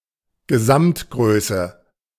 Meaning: total size
- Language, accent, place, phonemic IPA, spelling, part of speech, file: German, Germany, Berlin, /ɡəˈzamtˌɡʁøːsə/, Gesamtgröße, noun, De-Gesamtgröße.ogg